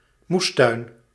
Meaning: vegetable garden, kitchen garden
- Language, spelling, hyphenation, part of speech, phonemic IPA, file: Dutch, moestuin, moes‧tuin, noun, /ˈmusˌtœy̯n/, Nl-moestuin.ogg